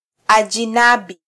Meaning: foreigner (person in a foreign land)
- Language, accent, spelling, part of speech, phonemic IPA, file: Swahili, Kenya, ajinabi, noun, /ɑ.ʄiˈnɑ.ɓi/, Sw-ke-ajinabi.flac